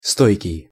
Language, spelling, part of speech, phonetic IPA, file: Russian, стойкий, adjective, [ˈstojkʲɪj], Ru-стойкий.ogg
- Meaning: 1. robust, sturdy, hardy, durable 2. stubborn, obstinate, resistant 3. stable